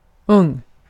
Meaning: young
- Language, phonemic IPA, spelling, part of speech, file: Swedish, /ɵŋː/, ung, adjective, Sv-ung.ogg